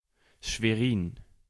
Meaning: Schwerin (an independent city, the state capital of Mecklenburg-Vorpommern, Germany)
- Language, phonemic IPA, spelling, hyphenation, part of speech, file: German, /ʃveˈʁiːn/, Schwerin, Schwe‧rin, proper noun, De-Schwerin.ogg